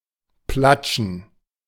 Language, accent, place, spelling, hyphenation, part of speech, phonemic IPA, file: German, Germany, Berlin, platschen, plat‧schen, verb, /ˈplat͡ʃn̩/, De-platschen.ogg
- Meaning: to plash